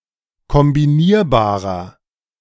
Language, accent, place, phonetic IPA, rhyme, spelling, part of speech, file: German, Germany, Berlin, [kɔmbiˈniːɐ̯baːʁɐ], -iːɐ̯baːʁɐ, kombinierbarer, adjective, De-kombinierbarer.ogg
- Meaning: inflection of kombinierbar: 1. strong/mixed nominative masculine singular 2. strong genitive/dative feminine singular 3. strong genitive plural